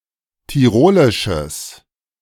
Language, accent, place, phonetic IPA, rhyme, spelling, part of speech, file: German, Germany, Berlin, [tiˈʁoːlɪʃəs], -oːlɪʃəs, tirolisches, adjective, De-tirolisches.ogg
- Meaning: strong/mixed nominative/accusative neuter singular of tirolisch